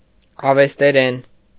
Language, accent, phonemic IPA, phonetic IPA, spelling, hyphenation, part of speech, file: Armenian, Eastern Armenian, /ɑvesteˈɾen/, [ɑvesteɾén], ավեստերեն, ա‧վես‧տե‧րեն, noun, Hy-ավեստերեն.ogg
- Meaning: Avestan (language)